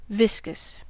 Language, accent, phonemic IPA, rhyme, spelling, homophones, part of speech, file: English, US, /ˈvɪs.kəs/, -ɪskəs, viscous, viscus, adjective, En-us-viscous.ogg
- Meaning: 1. Having a thick, sticky consistency between solid and liquid (that is, a high viscosity) 2. Of or pertaining to viscosity